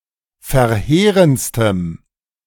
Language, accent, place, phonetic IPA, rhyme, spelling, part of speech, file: German, Germany, Berlin, [fɛɐ̯ˈheːʁənt͡stəm], -eːʁənt͡stəm, verheerendstem, adjective, De-verheerendstem.ogg
- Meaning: strong dative masculine/neuter singular superlative degree of verheerend